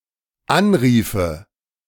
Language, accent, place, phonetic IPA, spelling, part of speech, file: German, Germany, Berlin, [ˈanˌʁiːfə], anriefe, verb, De-anriefe.ogg
- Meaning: first/third-person singular dependent subjunctive II of anrufen